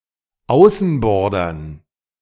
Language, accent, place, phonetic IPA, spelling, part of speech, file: German, Germany, Berlin, [ˈaʊ̯sn̩ˌbɔʁdɐn], Außenbordern, noun, De-Außenbordern.ogg
- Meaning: dative plural of Außenborder